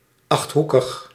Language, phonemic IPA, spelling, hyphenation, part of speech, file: Dutch, /ˌɑxtˈɦukəx/, achthoekig, acht‧hoe‧kig, adjective, Nl-achthoekig.ogg
- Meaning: 1. octagonal, having eight corners 2. shaped like an octagon